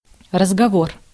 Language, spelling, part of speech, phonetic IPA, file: Russian, разговор, noun, [rəzɡɐˈvor], Ru-разговор.ogg
- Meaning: 1. talk, conversation 2. rumours, talk